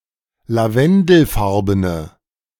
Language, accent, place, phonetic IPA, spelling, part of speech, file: German, Germany, Berlin, [laˈvɛndl̩ˌfaʁbənə], lavendelfarbene, adjective, De-lavendelfarbene.ogg
- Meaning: inflection of lavendelfarben: 1. strong/mixed nominative/accusative feminine singular 2. strong nominative/accusative plural 3. weak nominative all-gender singular